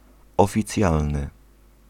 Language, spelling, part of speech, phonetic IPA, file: Polish, oficjalny, adjective, [ˌɔfʲiˈt͡sʲjalnɨ], Pl-oficjalny.ogg